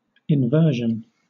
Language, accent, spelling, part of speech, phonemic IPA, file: English, Southern England, inversion, noun, /ɪnˈvɜː.ʃən/, LL-Q1860 (eng)-inversion.wav
- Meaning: 1. The action of inverting 2. The act of being in an inverted state; being upside down, inside out, or in a reverse sequence